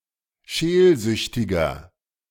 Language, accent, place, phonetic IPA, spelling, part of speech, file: German, Germany, Berlin, [ˈʃeːlˌzʏçtɪɡɐ], scheelsüchtiger, adjective, De-scheelsüchtiger.ogg
- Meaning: inflection of scheelsüchtig: 1. strong/mixed nominative masculine singular 2. strong genitive/dative feminine singular 3. strong genitive plural